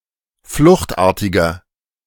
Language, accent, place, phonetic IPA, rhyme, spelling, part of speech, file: German, Germany, Berlin, [ˈflʊxtˌʔaːɐ̯tɪɡɐ], -ʊxtʔaːɐ̯tɪɡɐ, fluchtartiger, adjective, De-fluchtartiger.ogg
- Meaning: inflection of fluchtartig: 1. strong/mixed nominative masculine singular 2. strong genitive/dative feminine singular 3. strong genitive plural